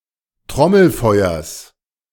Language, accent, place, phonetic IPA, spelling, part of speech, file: German, Germany, Berlin, [ˈtʁɔml̩ˌfɔɪ̯ɐs], Trommelfeuers, noun, De-Trommelfeuers.ogg
- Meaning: genitive of Trommelfeuer